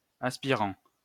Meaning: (noun) 1. aspirant 2. officer candidate, officer designate, midshipman; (adjective) 1. aspiring 2. sucking, extracting; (verb) present participle of aspirer
- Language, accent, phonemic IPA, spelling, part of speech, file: French, France, /as.pi.ʁɑ̃/, aspirant, noun / adjective / verb, LL-Q150 (fra)-aspirant.wav